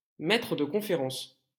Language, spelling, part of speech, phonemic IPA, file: French, maître de conférences, noun, /mɛ.tʁə d(ə) kɔ̃.fe.ʁɑ̃s/, LL-Q150 (fra)-maître de conférences.wav
- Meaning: associate professor